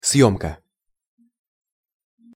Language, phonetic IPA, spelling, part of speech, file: Russian, [ˈsjɵmkə], съёмка, noun, Ru-съёмка.ogg
- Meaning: 1. removal 2. photo or video shoot, instance of filming 3. rental 4. survey